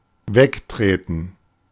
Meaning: 1. to dismiss 2. to step aside 3. to kick
- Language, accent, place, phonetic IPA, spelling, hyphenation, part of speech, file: German, Germany, Berlin, [ˈvekˌtʁeːtn̩], wegtreten, weg‧tre‧ten, verb, De-wegtreten.ogg